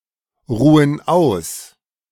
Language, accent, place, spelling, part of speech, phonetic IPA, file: German, Germany, Berlin, ruhen aus, verb, [ˌʁuːən ˈaʊ̯s], De-ruhen aus.ogg
- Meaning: inflection of ausruhen: 1. first/third-person plural present 2. first/third-person plural subjunctive I